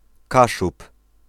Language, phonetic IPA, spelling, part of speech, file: Polish, [ˈkaʃup], Kaszub, noun, Pl-Kaszub.ogg